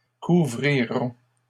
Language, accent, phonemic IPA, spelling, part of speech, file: French, Canada, /ku.vʁi.ʁɔ̃/, couvriront, verb, LL-Q150 (fra)-couvriront.wav
- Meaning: third-person plural future of couvrir